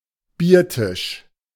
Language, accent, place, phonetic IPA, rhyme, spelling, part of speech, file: German, Germany, Berlin, [ˈbiːɐ̯ˌtɪʃ], -iːɐ̯tɪʃ, Biertisch, noun, De-Biertisch.ogg
- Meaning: beer table, as used, e.g., in beer tents